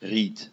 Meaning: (noun) reed; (proper noun) 1. any of various settlements 2. a surname
- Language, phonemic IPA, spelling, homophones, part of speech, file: German, /ʁiːt/, Ried, riet, noun / proper noun, De-Ried.ogg